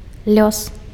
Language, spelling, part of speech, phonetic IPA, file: Belarusian, лёс, noun, [lʲos], Be-лёс.ogg
- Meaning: fate, destiny